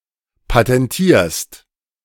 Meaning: second-person singular present of patentieren
- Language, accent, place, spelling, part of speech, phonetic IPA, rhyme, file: German, Germany, Berlin, patentierst, verb, [patɛnˈtiːɐ̯st], -iːɐ̯st, De-patentierst.ogg